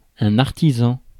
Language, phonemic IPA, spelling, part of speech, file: French, /aʁ.ti.zɑ̃/, artisan, noun, Fr-artisan.ogg
- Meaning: 1. artisan (manual worker) 2. creator; innovator; inventor; architect